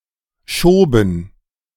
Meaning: first/third-person plural preterite of schieben
- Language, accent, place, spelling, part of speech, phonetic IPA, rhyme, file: German, Germany, Berlin, schoben, verb, [ˈʃoːbn̩], -oːbn̩, De-schoben.ogg